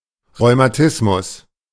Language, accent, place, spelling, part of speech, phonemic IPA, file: German, Germany, Berlin, Rheumatismus, noun, /ʁɔʏ̯maˈtɪsmʊs/, De-Rheumatismus.ogg
- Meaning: rheumatism